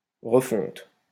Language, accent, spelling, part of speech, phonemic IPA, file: French, France, refonte, noun, /ʁə.fɔ̃t/, LL-Q150 (fra)-refonte.wav
- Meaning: 1. recasting; remelting 2. remake; rewrite; makeover